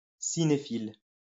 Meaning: cinephile
- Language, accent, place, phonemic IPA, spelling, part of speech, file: French, France, Lyon, /si.ne.fil/, cinéphile, noun, LL-Q150 (fra)-cinéphile.wav